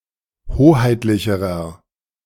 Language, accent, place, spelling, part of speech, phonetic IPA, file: German, Germany, Berlin, hoheitlicherer, adjective, [ˈhoːhaɪ̯tlɪçəʁɐ], De-hoheitlicherer.ogg
- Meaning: inflection of hoheitlich: 1. strong/mixed nominative masculine singular comparative degree 2. strong genitive/dative feminine singular comparative degree 3. strong genitive plural comparative degree